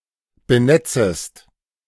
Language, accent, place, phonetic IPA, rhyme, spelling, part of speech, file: German, Germany, Berlin, [bəˈnɛt͡səst], -ɛt͡səst, benetzest, verb, De-benetzest.ogg
- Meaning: second-person singular subjunctive I of benetzen